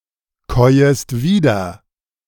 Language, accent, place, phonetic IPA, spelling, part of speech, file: German, Germany, Berlin, [ˌkɔɪ̯əst ˈviːdɐ], käuest wieder, verb, De-käuest wieder.ogg
- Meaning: second-person singular subjunctive I of wiederkäuen